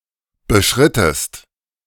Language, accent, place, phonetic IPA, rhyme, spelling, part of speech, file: German, Germany, Berlin, [bəˈʃʁɪtəst], -ɪtəst, beschrittest, verb, De-beschrittest.ogg
- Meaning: inflection of beschreiten: 1. second-person singular preterite 2. second-person singular subjunctive II